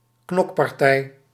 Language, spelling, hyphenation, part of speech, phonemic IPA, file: Dutch, knokpartij, knok‧par‧tij, noun, /ˈknɔk.pɑrˌtɛi̯/, Nl-knokpartij.ogg
- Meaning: brawl, fight